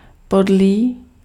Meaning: mean, foul, wicked
- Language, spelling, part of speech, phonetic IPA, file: Czech, podlý, adjective, [ˈpodliː], Cs-podlý.ogg